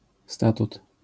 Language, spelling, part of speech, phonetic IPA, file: Polish, statut, noun, [ˈstatut], LL-Q809 (pol)-statut.wav